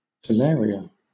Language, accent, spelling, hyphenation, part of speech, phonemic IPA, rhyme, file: English, Southern England, talaria, ta‧la‧ria, noun, /təˈlɛəɹi.ə/, -ɛəɹiə, LL-Q1860 (eng)-talaria.wav
- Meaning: The winged sandals worn by certain gods and goddesses, especially the Roman god Mercury (and his Greek counterpart Hermes)